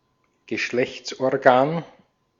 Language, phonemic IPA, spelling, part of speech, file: German, /ɡəˈʃlɛçtsʔɔʁˌɡaːn/, Geschlechtsorgan, noun, De-at-Geschlechtsorgan.ogg
- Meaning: sex organ (organ used in sexual reproduction)